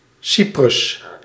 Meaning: Cyprus (an island and country in the Mediterranean Sea, normally considered politically part of Europe but geographically part of West Asia)
- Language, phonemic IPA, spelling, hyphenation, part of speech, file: Dutch, /ˈsi.prʏs/, Cyprus, Cy‧prus, proper noun, Nl-Cyprus.ogg